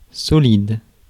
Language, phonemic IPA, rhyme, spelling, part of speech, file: French, /sɔ.lid/, -id, solide, adjective / noun, Fr-solide.ogg
- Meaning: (adjective) 1. secure, solid, firm, substantial 2. stout 3. sterling; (noun) solid